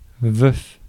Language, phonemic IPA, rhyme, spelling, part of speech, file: French, /vœf/, -œf, veuf, noun / adjective, Fr-veuf.ogg
- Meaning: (noun) widower (a man whose wife has died and who has not remarried); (adjective) 1. widowed 2. odd (missing its pair)